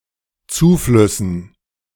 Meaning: dative plural of Zufluss
- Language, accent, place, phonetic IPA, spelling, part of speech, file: German, Germany, Berlin, [ˈt͡suːˌflʏsn̩], Zuflüssen, noun, De-Zuflüssen.ogg